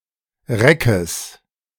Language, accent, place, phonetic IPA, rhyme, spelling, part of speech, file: German, Germany, Berlin, [ˈʁɛkəs], -ɛkəs, Reckes, noun, De-Reckes.ogg
- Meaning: genitive singular of Reck